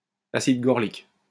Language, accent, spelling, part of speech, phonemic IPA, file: French, France, acide gorlique, noun, /a.sid ɡɔʁ.lik/, LL-Q150 (fra)-acide gorlique.wav
- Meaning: gorlic acid